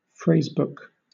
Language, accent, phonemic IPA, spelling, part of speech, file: English, Southern England, /ˈfɹeɪzbʊk/, phrasebook, noun / adjective, LL-Q1860 (eng)-phrasebook.wav
- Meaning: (noun) A book containing common phrases in two or more languages, used to learn a foreign language